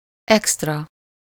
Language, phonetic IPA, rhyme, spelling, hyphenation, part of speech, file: Hungarian, [ˈɛkstrɒ], -rɒ, extra, ext‧ra, adjective / noun, Hu-extra.ogg
- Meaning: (adjective) extra (beyond what is due, usual, expected, or necessary; extraneous; additional); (noun) luxury features (e.g. in vehicles)